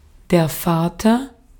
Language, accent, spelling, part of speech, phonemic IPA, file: German, Austria, Vater, noun, /ˈfɑːtɐ/, De-at-Vater.ogg
- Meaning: father